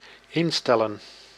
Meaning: to set (up), to configure
- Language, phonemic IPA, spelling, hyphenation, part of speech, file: Dutch, /ˈɪnˌstɛ.lə(n)/, instellen, in‧stel‧len, verb, Nl-instellen.ogg